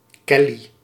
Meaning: a unisex given name
- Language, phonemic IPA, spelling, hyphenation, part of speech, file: Dutch, /ˈkɛ.li/, Kelly, Kel‧ly, proper noun, Nl-Kelly.ogg